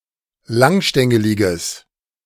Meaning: strong/mixed nominative/accusative neuter singular of langstängelig
- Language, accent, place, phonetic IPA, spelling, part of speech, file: German, Germany, Berlin, [ˈlaŋˌʃtɛŋəlɪɡəs], langstängeliges, adjective, De-langstängeliges.ogg